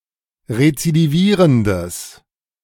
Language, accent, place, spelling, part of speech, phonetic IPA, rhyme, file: German, Germany, Berlin, rezidivierendes, adjective, [ʁet͡sidiˈviːʁəndəs], -iːʁəndəs, De-rezidivierendes.ogg
- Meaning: strong/mixed nominative/accusative neuter singular of rezidivierend